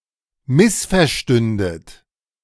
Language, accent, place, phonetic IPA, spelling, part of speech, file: German, Germany, Berlin, [ˈmɪsfɛɐ̯ˌʃtʏndət], missverstündet, verb, De-missverstündet.ogg
- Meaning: second-person plural subjunctive II of missverstehen